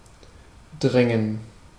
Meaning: 1. to push, press (living beings, vehicles etc. in some direction) 2. to push, press (one another), to throng, crowd; intransitive use is only possible when a direction is given
- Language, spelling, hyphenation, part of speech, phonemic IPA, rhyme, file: German, drängen, drän‧gen, verb, /ˈdʁɛŋən/, -ɛŋən, De-drängen.ogg